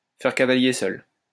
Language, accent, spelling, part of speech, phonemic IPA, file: French, France, faire cavalier seul, verb, /fɛʁ ka.va.lje sœl/, LL-Q150 (fra)-faire cavalier seul.wav
- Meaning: to go it alone, to go solo